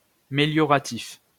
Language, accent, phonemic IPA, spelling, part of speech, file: French, France, /me.ljɔ.ʁa.tif/, mélioratif, adjective, LL-Q150 (fra)-mélioratif.wav
- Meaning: 1. meliorative (serving to improve) 2. approving, favorable